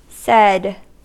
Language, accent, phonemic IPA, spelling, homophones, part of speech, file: English, US, /sɛd/, sed, said, proper noun / verb, En-us-sed.ogg
- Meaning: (proper noun) A noninteractive text editor (originally developed in Unix), intended for making systematic edits in an automatic or batch-oriented way; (verb) To edit a file or stream of text using sed